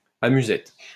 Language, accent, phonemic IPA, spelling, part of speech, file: French, France, /a.my.zɛt/, amusette, noun, LL-Q150 (fra)-amusette.wav
- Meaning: 1. puzzle (enigma, question) 2. amusette (weapon)